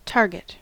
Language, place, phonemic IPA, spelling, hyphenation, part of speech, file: English, California, /ˈtɑɹ.ɡɪt/, target, tar‧get, noun / verb, En-us-target.ogg
- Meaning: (noun) 1. A butt or mark to shoot at, as for practice, or to test the accuracy of a firearm, or the force of a projectile 2. A goal or objective 3. An object of criticism or ridicule